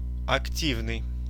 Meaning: active, proactive, energetic
- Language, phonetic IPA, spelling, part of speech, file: Russian, [ɐkˈtʲivnɨj], активный, adjective, Ru-активный.oga